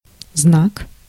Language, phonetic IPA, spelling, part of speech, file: Russian, [znak], знак, noun, Ru-знак.ogg
- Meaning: 1. sign, mark 2. symbol 3. omen 4. badge